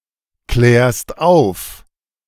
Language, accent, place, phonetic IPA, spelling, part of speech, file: German, Germany, Berlin, [ˌklɛːɐ̯st ˈaʊ̯f], klärst auf, verb, De-klärst auf.ogg
- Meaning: second-person singular present of aufklären